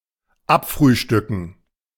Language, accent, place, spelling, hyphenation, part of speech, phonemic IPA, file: German, Germany, Berlin, abfrühstücken, ab‧früh‧stü‧cken, verb, /ˈapˌfʁyːʃtʏkn̩/, De-abfrühstücken.ogg
- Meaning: to finish